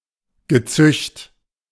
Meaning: 1. brood, spawn (collective result of some reproductive process) 2. brood, ilk, vermin (collective of people or animals sharing a negatively regarded ideology, practice or classification)
- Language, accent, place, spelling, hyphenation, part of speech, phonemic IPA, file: German, Germany, Berlin, Gezücht, Ge‧zücht, noun, /ɡəˈt͡sʏçt/, De-Gezücht.ogg